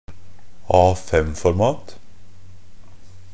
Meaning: A piece of paper in the standard A5 format
- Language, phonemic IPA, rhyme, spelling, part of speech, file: Norwegian Bokmål, /ˈɑːfɛmfɔɾmɑːt/, -ɑːt, A5-format, noun, NB - Pronunciation of Norwegian Bokmål «A5-format».ogg